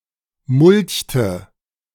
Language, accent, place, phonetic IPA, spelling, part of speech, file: German, Germany, Berlin, [ˈmʊlçtə], mulchte, verb, De-mulchte.ogg
- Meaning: inflection of mulchen: 1. first/third-person singular preterite 2. first/third-person singular subjunctive II